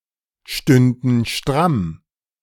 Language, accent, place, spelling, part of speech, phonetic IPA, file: German, Germany, Berlin, stünden stramm, verb, [ˌʃtʏndn̩ ˈʃtʁam], De-stünden stramm.ogg
- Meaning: first/third-person plural subjunctive II of strammstehen